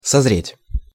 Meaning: 1. to ripen, to mature 2. to mature 3. to mature, to take shape
- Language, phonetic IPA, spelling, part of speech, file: Russian, [sɐzˈrʲetʲ], созреть, verb, Ru-созреть.ogg